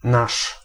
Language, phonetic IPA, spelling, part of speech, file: Polish, [naʃ], nasz, pronoun, Pl-nasz.ogg